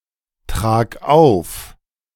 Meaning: singular imperative of auftragen
- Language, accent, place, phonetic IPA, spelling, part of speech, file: German, Germany, Berlin, [ˌtʁaːk ˈaʊ̯f], trag auf, verb, De-trag auf.ogg